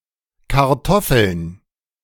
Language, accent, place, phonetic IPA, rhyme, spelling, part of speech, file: German, Germany, Berlin, [kaʁˈtɔfl̩n], -ɔfl̩n, Kartoffeln, noun, De-Kartoffeln.ogg
- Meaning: plural of Kartoffel